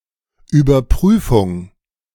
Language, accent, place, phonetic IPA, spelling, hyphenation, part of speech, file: German, Germany, Berlin, [yːbɐˈpʁyːfʊŋ], Überprüfung, Über‧prü‧fung, noun, De-Überprüfung.ogg
- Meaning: check, examination, inspection